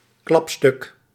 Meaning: 1. brisket 2. a highlight, a masterpiece
- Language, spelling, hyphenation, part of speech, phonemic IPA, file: Dutch, klapstuk, klap‧stuk, noun, /ˈklɑp.stʏk/, Nl-klapstuk.ogg